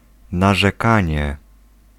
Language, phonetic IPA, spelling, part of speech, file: Polish, [ˌnaʒɛˈkãɲɛ], narzekanie, noun, Pl-narzekanie.ogg